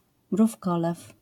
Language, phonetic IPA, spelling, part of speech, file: Polish, [mrufˈkɔlɛf], mrówkolew, noun, LL-Q809 (pol)-mrówkolew.wav